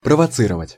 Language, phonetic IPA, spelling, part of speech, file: Russian, [prəvɐˈt͡sɨrəvətʲ], провоцировать, verb, Ru-провоцировать.ogg
- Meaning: to provoke